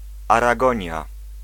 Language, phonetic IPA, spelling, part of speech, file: Polish, [ˌaraˈɡɔ̃ɲja], Aragonia, proper noun, Pl-Aragonia.ogg